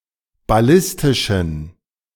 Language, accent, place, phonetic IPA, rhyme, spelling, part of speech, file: German, Germany, Berlin, [baˈlɪstɪʃn̩], -ɪstɪʃn̩, ballistischen, adjective, De-ballistischen.ogg
- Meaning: inflection of ballistisch: 1. strong genitive masculine/neuter singular 2. weak/mixed genitive/dative all-gender singular 3. strong/weak/mixed accusative masculine singular 4. strong dative plural